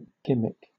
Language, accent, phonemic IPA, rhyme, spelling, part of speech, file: English, Southern England, /ˈɡɪm.ɪk/, -ɪmɪk, gimmick, noun / verb, LL-Q1860 (eng)-gimmick.wav
- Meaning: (noun) 1. A trick or device used to attain some end 2. A ploy or strategy used to attract attention or gain traction 3. A gimmick capacitor 4. A night out with one's friends